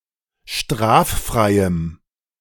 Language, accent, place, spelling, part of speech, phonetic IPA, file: German, Germany, Berlin, straffreiem, adjective, [ˈʃtʁaːfˌfʁaɪ̯əm], De-straffreiem.ogg
- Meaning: strong dative masculine/neuter singular of straffrei